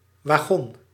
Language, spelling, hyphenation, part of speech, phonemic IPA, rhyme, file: Dutch, wagon, wa‧gon, noun, /ʋaːˈɣɔn/, -ɔn, Nl-wagon.ogg
- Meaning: a train car, a wagon (railway carriage, a nonpowered unit in a railroad train)